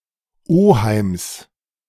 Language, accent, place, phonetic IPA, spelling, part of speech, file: German, Germany, Berlin, [ˈoːhaɪ̯ms], Oheims, noun, De-Oheims.ogg
- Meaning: genitive singular of Oheim